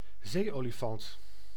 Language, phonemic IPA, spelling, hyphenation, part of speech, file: Dutch, /ˈzeː.oː.liˌfɑnt/, zeeolifant, zee‧oli‧fant, noun, Nl-zeeolifant.ogg
- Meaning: elephant seal, member of the genus Mirounga